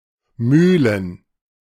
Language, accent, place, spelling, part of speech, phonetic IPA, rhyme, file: German, Germany, Berlin, Mühlen, noun, [ˈmyːlən], -yːlən, De-Mühlen.ogg
- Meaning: plural of Mühle